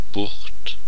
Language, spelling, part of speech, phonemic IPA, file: German, Bucht, noun, /bʊxt/, De-Bucht.ogg
- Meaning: 1. bay; gulf; bight 2. niche, especially one that is wide rather than deep; a slight recess